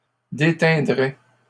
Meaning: third-person plural conditional of déteindre
- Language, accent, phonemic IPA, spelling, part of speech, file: French, Canada, /de.tɛ̃.dʁɛ/, déteindraient, verb, LL-Q150 (fra)-déteindraient.wav